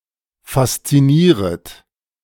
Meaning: second-person plural subjunctive I of faszinieren
- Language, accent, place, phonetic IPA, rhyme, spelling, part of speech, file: German, Germany, Berlin, [fast͡siˈniːʁət], -iːʁət, faszinieret, verb, De-faszinieret.ogg